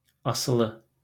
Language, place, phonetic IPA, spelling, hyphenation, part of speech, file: Azerbaijani, Baku, [ɑsɯˈɫɯ], asılı, a‧sı‧lı, adjective, LL-Q9292 (aze)-asılı.wav
- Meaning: 1. hanging; leaning down: hanging, suspended 2. hanging; leaning down: droopy, saggy, sagging 3. dependent 4. addicted, addict